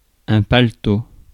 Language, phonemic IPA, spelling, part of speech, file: French, /pal.to/, paletot, noun, Fr-paletot.ogg
- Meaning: paletot, jacket